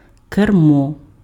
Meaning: 1. steering wheel 2. handlebar
- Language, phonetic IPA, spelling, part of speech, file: Ukrainian, [kerˈmɔ], кермо, noun, Uk-кермо.ogg